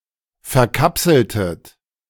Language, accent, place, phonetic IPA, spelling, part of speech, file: German, Germany, Berlin, [fɛɐ̯ˈkapsl̩tət], verkapseltet, verb, De-verkapseltet.ogg
- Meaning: inflection of verkapseln: 1. second-person plural preterite 2. second-person plural subjunctive II